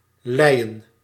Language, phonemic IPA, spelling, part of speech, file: Dutch, /ˈlɛijə(n)/, leien, noun / adjective, Nl-leien.ogg
- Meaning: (adjective) slaten; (noun) plural of lei